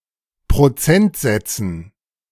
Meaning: dative plural of Prozentsatz
- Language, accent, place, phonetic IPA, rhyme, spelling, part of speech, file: German, Germany, Berlin, [pʁoˈt͡sɛntˌzɛt͡sn̩], -ɛntzɛt͡sn̩, Prozentsätzen, noun, De-Prozentsätzen.ogg